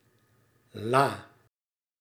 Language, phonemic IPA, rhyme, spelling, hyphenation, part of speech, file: Dutch, /laː/, -aː, la, la, noun, Nl-la.ogg
- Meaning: 1. drawer 2. la (music)